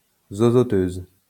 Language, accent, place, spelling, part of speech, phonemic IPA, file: French, France, Lyon, zozoteuse, noun, /zo.zɔ.tøz/, LL-Q150 (fra)-zozoteuse.wav
- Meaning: female equivalent of zozoteur